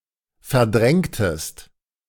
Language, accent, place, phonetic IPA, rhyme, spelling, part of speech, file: German, Germany, Berlin, [fɛɐ̯ˈdʁɛŋtəst], -ɛŋtəst, verdrängtest, verb, De-verdrängtest.ogg
- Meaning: inflection of verdrängen: 1. second-person singular preterite 2. second-person singular subjunctive II